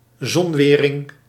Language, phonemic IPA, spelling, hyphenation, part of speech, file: Dutch, /ˈzɔnˌʋeː.rɪŋ/, zonwering, zon‧we‧ring, noun, Nl-zonwering.ogg
- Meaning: one of any number of constructions designed to keep out sunlight